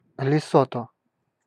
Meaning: Lesotho (a country in Southern Africa)
- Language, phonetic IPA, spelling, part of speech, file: Russian, [lʲɪˈsotə], Лесото, proper noun, Ru-Лесото.ogg